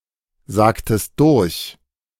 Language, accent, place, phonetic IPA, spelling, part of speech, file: German, Germany, Berlin, [ˌzaːktəst ˈdʊʁç], sagtest durch, verb, De-sagtest durch.ogg
- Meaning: inflection of durchsagen: 1. second-person singular preterite 2. second-person singular subjunctive II